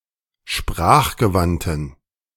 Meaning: inflection of sprachgewandt: 1. strong genitive masculine/neuter singular 2. weak/mixed genitive/dative all-gender singular 3. strong/weak/mixed accusative masculine singular 4. strong dative plural
- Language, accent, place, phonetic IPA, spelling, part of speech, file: German, Germany, Berlin, [ˈʃpʁaːxɡəˌvantn̩], sprachgewandten, adjective, De-sprachgewandten.ogg